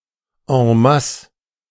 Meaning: en masse, in large amounts
- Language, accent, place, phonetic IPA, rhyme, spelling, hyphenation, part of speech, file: German, Germany, Berlin, [ɑ̃ˈmas], -as, en masse, en mas‧se, adverb, De-en masse.ogg